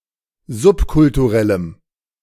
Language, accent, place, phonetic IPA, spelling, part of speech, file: German, Germany, Berlin, [ˈzʊpkʊltuˌʁɛləm], subkulturellem, adjective, De-subkulturellem.ogg
- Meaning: strong dative masculine/neuter singular of subkulturell